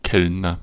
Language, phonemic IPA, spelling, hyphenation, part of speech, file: German, /ˈkɛlnɐ/, Kellner, Kell‧ner, noun / proper noun, De-Kellner.ogg
- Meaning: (noun) waiter (male or of unspecified gender); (proper noun) a surname